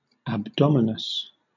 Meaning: Having a protuberant belly; potbellied
- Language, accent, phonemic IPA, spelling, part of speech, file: English, Southern England, /æbˈdɒm.ə.nəs/, abdominous, adjective, LL-Q1860 (eng)-abdominous.wav